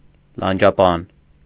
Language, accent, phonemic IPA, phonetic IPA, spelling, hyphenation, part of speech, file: Armenian, Eastern Armenian, /lɑnd͡ʒɑˈpɑn/, [lɑnd͡ʒɑpɑ́n], լանջապան, լան‧ջա‧պան, noun, Hy-լանջապան.ogg
- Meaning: cuirass, breastplate